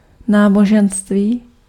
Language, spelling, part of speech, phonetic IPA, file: Czech, náboženství, noun, [ˈnaːboʒɛnstviː], Cs-náboženství.ogg
- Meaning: religion